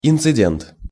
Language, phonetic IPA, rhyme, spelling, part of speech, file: Russian, [ɪnt͡sɨˈdʲent], -ent, инцидент, noun, Ru-инцидент.ogg
- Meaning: incident (event causing interruption or crisis)